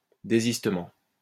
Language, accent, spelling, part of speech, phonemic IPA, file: French, France, désistement, noun, /de.zis.tə.mɑ̃/, LL-Q150 (fra)-désistement.wav
- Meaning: 1. withdrawal 2. cancellation